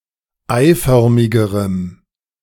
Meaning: strong dative masculine/neuter singular comparative degree of eiförmig
- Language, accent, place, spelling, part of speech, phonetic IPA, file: German, Germany, Berlin, eiförmigerem, adjective, [ˈaɪ̯ˌfœʁmɪɡəʁəm], De-eiförmigerem.ogg